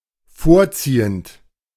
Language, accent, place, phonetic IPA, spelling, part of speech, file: German, Germany, Berlin, [ˈfoːɐ̯ˌt͡siːənt], vorziehend, verb, De-vorziehend.ogg
- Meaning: present participle of vorziehen